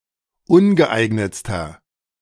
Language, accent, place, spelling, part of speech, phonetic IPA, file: German, Germany, Berlin, ungeeignetster, adjective, [ˈʊnɡəˌʔaɪ̯ɡnət͡stɐ], De-ungeeignetster.ogg
- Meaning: inflection of ungeeignet: 1. strong/mixed nominative masculine singular superlative degree 2. strong genitive/dative feminine singular superlative degree 3. strong genitive plural superlative degree